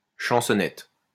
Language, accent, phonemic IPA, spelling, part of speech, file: French, France, /ʃɑ̃.sɔ.nɛt/, chansonnette, noun, LL-Q150 (fra)-chansonnette.wav
- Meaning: chansonnette